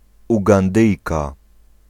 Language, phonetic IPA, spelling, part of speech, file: Polish, [ˌuɡãnˈdɨjka], Ugandyjka, noun, Pl-Ugandyjka.ogg